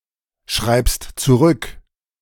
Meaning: second/third-person singular present of zurückschreiben
- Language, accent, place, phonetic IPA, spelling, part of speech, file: German, Germany, Berlin, [ˌʃʁaɪ̯pst t͡suˈʁʏk], schreibst zurück, verb, De-schreibst zurück.ogg